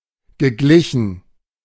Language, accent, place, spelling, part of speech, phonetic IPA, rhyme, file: German, Germany, Berlin, geglichen, verb, [ɡəˈɡlɪçn̩], -ɪçn̩, De-geglichen.ogg
- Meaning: past participle of gleichen